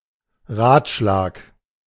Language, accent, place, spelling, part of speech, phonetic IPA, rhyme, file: German, Germany, Berlin, Ratschlag, noun, [ˈʁaːtˌʃlaːk], -aːtʃlaːk, De-Ratschlag.ogg
- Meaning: piece of advice; (in plural) advice